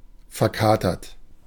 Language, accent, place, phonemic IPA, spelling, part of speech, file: German, Germany, Berlin, /fɛɐ̯ˈkaːtɐt/, verkatert, adjective, De-verkatert.ogg
- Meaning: hungover